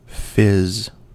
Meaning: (noun) 1. An emission of a rapid stream of bubbles 2. The sound of such an emission 3. A carbonated beverage, especially champagne; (verb) To emit bubbles
- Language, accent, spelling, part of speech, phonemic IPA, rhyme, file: English, US, fizz, noun / verb, /fɪz/, -ɪz, En-us-fizz.ogg